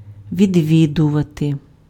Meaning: 1. to visit 2. to attend, to frequent
- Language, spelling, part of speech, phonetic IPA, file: Ukrainian, відвідувати, verb, [ʋʲidʲˈʋʲidʊʋɐte], Uk-відвідувати.ogg